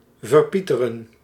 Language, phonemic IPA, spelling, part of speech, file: Dutch, /vərˈpitərə(n)/, verpieteren, verb, Nl-verpieteren.ogg
- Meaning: 1. to waste or lose flavour because of being cooked too long 2. to cause to waste or lose flavour because of being cooked too long